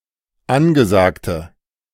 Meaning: inflection of angesagt: 1. strong/mixed nominative/accusative feminine singular 2. strong nominative/accusative plural 3. weak nominative all-gender singular
- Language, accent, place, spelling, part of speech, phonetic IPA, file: German, Germany, Berlin, angesagte, adjective, [ˈanɡəˌzaːktə], De-angesagte.ogg